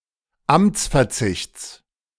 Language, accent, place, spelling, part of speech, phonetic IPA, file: German, Germany, Berlin, Amtsverzichts, noun, [ˈamt͡sfɛɐ̯ˌt͡sɪçt͡s], De-Amtsverzichts.ogg
- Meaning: genitive singular of Amtsverzicht